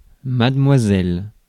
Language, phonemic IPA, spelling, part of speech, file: French, /mad.mwa.zɛl/, mademoiselle, noun, Fr-mademoiselle.ogg
- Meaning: 1. A form of address or title for an unmarried woman: Miss 2. A form of address or title for a young woman, regardless of marital status: Miss